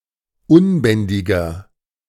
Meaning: 1. comparative degree of unbändig 2. inflection of unbändig: strong/mixed nominative masculine singular 3. inflection of unbändig: strong genitive/dative feminine singular
- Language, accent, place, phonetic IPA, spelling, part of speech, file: German, Germany, Berlin, [ˈʊnˌbɛndɪɡɐ], unbändiger, adjective, De-unbändiger.ogg